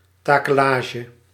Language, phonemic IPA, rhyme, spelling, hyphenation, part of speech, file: Dutch, /ˌtaː.kəˈlaː.ʒə/, -aːʒə, takelage, ta‧ke‧la‧ge, noun, Nl-takelage.ogg
- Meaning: the rigging of a ship, the equipment encompassing ropes and tackles